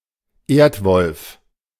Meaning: aardwolf
- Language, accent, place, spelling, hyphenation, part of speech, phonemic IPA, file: German, Germany, Berlin, Erdwolf, Erd‧wolf, noun, /ˈeːɐ̯tˌvɔlf/, De-Erdwolf.ogg